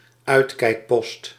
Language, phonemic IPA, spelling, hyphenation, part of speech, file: Dutch, /ˈœy̯t.kɛi̯kˌpɔst/, uitkijkpost, uit‧kijk‧post, noun, Nl-uitkijkpost.ogg
- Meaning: an observation post, a lookout